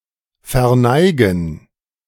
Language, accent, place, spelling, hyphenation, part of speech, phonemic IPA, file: German, Germany, Berlin, verneigen, ver‧nei‧gen, verb, /fɛʁˈnaɪ̯ɡn̩/, De-verneigen.ogg
- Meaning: to bow